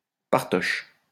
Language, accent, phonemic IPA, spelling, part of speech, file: French, France, /paʁ.tɔʃ/, partoche, noun, LL-Q150 (fra)-partoche.wav
- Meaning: sheet music